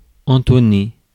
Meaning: 1. to intone; to chant; to vocalise 2. to barrel (to put or to pack in a barrel or barrels)
- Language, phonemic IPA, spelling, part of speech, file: French, /ɑ̃.tɔ.ne/, entonner, verb, Fr-entonner.ogg